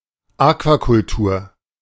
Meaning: aquaculture
- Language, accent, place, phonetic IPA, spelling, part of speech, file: German, Germany, Berlin, [ˈaːkvakʊlˌtuːɐ̯], Aquakultur, noun, De-Aquakultur.ogg